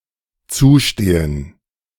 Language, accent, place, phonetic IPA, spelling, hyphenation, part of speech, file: German, Germany, Berlin, [ˈt͡suːˌʃteːən], zustehen, zu‧ste‧hen, verb, De-zustehen.ogg
- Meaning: 1. to be entitled 2. to occur